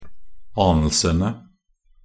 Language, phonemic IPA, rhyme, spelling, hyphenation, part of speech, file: Norwegian Bokmål, /ˈɑːnəlsənə/, -ənə, anelsene, an‧el‧se‧ne, noun, Nb-anelsene.ogg
- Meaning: definite plural of anelse